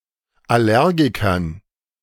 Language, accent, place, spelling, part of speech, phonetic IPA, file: German, Germany, Berlin, Allergikern, noun, [aˈlɛʁɡɪkɐn], De-Allergikern.ogg
- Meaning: dative plural of Allergiker